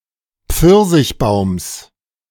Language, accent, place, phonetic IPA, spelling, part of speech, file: German, Germany, Berlin, [ˈp͡fɪʁzɪçˌbaʊ̯ms], Pfirsichbaums, noun, De-Pfirsichbaums.ogg
- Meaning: genitive singular of Pfirsichbaum